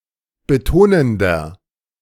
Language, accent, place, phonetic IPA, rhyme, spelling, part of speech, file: German, Germany, Berlin, [bəˈtoːnəndɐ], -oːnəndɐ, betonender, adjective, De-betonender.ogg
- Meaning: inflection of betonend: 1. strong/mixed nominative masculine singular 2. strong genitive/dative feminine singular 3. strong genitive plural